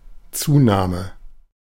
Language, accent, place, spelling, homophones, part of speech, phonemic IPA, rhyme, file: German, Germany, Berlin, Zunahme, Zuname, noun, /ˈtsuːnaːmə/, -aːmə, De-Zunahme.ogg
- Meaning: 1. increase 2. short for Gewichtszunahme (“weight gain”)